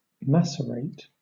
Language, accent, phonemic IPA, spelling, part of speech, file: English, Southern England, /ˈmæs.ə.ɹeɪt/, macerate, verb, LL-Q1860 (eng)-macerate.wav
- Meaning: 1. To soften (something) or separate it into pieces by (or as if by) soaking it in a heated or unheated liquid 2. To reduce solids to small pieces (in a macerator)